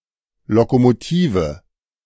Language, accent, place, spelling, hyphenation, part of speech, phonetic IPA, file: German, Germany, Berlin, Lokomotive, Lo‧ko‧mo‧ti‧ve, noun, [tiːfə], De-Lokomotive.ogg
- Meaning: train locomotive